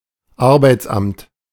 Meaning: unemployment office; employment agency
- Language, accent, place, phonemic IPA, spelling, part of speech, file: German, Germany, Berlin, /ˈaʁbaɪ̯t͡sˌʔamt/, Arbeitsamt, noun, De-Arbeitsamt.ogg